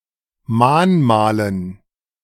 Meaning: dative plural of Mahnmal
- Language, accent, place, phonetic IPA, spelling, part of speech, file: German, Germany, Berlin, [ˈmaːnˌmaːlən], Mahnmalen, noun, De-Mahnmalen.ogg